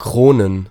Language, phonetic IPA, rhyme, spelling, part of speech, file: German, [ˈkʁoːnən], -oːnən, Kronen, noun, De-Kronen.ogg
- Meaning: plural of Krone